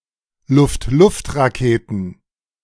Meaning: plural of Luft-Luft-Rakete
- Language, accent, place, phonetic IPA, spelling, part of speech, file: German, Germany, Berlin, [ˈlʊftˈlʊftʁaˌkeːtn̩], Luft-Luft-Raketen, noun, De-Luft-Luft-Raketen.ogg